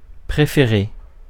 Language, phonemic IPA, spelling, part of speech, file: French, /pʁe.fe.ʁe/, préféré, adjective / verb, Fr-préféré.ogg
- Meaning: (adjective) favourite; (verb) past participle of préférer